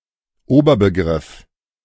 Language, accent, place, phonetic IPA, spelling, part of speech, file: German, Germany, Berlin, [ˈoːbɐbəˌɡʁɪf], Oberbegriff, noun, De-Oberbegriff.ogg
- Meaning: umbrella term, hypernym